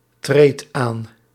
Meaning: inflection of aantreden: 1. second/third-person singular present indicative 2. plural imperative
- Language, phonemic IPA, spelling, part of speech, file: Dutch, /ˈtret ˈan/, treedt aan, verb, Nl-treedt aan.ogg